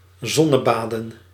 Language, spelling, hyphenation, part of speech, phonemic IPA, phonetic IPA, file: Dutch, zonnebaden, zon‧ne‧ba‧den, verb, /ˈzɔ.nəˌbaː.də(n)/, [ˈzɔ.nəˌbaː.də(n)], Nl-zonnebaden.ogg
- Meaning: to sunbathe